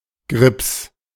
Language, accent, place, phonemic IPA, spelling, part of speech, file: German, Germany, Berlin, /ɡʁɪps/, Grips, noun, De-Grips.ogg
- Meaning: wit; intellect; understanding; nous